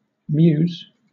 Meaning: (noun) 1. An alley where there are stables; a narrow passage; a confined place 2. A place where birds of prey are housed 3. plural of mew; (verb) third-person singular simple present indicative of mew
- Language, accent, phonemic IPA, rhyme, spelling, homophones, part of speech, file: English, Southern England, /mjuːz/, -uːz, mews, muse, noun / verb, LL-Q1860 (eng)-mews.wav